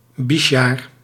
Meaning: a school year in which a student repeats the same grade or year
- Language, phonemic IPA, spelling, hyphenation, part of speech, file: Dutch, /ˈbis.jaːr/, bisjaar, bis‧jaar, noun, Nl-bisjaar.ogg